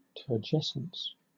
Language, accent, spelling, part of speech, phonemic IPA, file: English, Southern England, turgescence, noun, /tɜː(ɹ)ˈd͡ʒɛsəns/, LL-Q1860 (eng)-turgescence.wav
- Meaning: 1. The act of swelling, or state of being swollen or turgescent 2. Empty magnificence or pompousness; inflation; bombast; turgidity